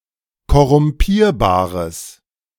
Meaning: strong/mixed nominative/accusative neuter singular of korrumpierbar
- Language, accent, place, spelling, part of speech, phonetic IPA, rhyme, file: German, Germany, Berlin, korrumpierbares, adjective, [kɔʁʊmˈpiːɐ̯baːʁəs], -iːɐ̯baːʁəs, De-korrumpierbares.ogg